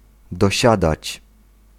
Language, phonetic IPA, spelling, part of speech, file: Polish, [dɔˈɕadat͡ɕ], dosiadać, verb, Pl-dosiadać.ogg